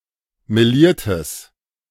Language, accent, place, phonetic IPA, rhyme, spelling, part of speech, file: German, Germany, Berlin, [meˈliːɐ̯təs], -iːɐ̯təs, meliertes, adjective, De-meliertes.ogg
- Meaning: strong/mixed nominative/accusative neuter singular of meliert